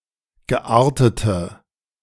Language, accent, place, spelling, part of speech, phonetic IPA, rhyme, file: German, Germany, Berlin, geartete, adjective, [ɡəˈʔaːɐ̯tətə], -aːɐ̯tətə, De-geartete.ogg
- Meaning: inflection of geartet: 1. strong/mixed nominative/accusative feminine singular 2. strong nominative/accusative plural 3. weak nominative all-gender singular 4. weak accusative feminine/neuter singular